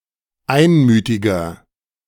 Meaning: 1. comparative degree of einmütig 2. inflection of einmütig: strong/mixed nominative masculine singular 3. inflection of einmütig: strong genitive/dative feminine singular
- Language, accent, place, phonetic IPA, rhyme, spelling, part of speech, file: German, Germany, Berlin, [ˈaɪ̯nˌmyːtɪɡɐ], -aɪ̯nmyːtɪɡɐ, einmütiger, adjective, De-einmütiger.ogg